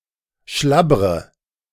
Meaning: inflection of schlabbern: 1. first-person singular present 2. first/third-person singular subjunctive I 3. singular imperative
- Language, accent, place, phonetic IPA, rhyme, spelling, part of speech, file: German, Germany, Berlin, [ˈʃlabʁə], -abʁə, schlabbre, verb, De-schlabbre.ogg